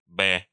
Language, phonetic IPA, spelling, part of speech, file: Russian, [bɛ], бэ, noun, Ru-бэ.ogg
- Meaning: 1. The name of the Cyrillic script letter Б/б 2. The Russian name of the Latin script letter B/b